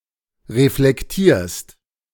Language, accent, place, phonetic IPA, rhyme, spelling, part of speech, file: German, Germany, Berlin, [ʁeflɛkˈtiːɐ̯st], -iːɐ̯st, reflektierst, verb, De-reflektierst.ogg
- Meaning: second-person singular present of reflektieren